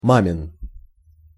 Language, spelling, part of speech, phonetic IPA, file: Russian, мамин, adjective, [ˈmamʲɪn], Ru-мамин.ogg
- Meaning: mom’s, mother’s